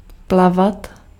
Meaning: to swim
- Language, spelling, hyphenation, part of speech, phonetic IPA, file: Czech, plavat, pla‧vat, verb, [ˈplavat], Cs-plavat.ogg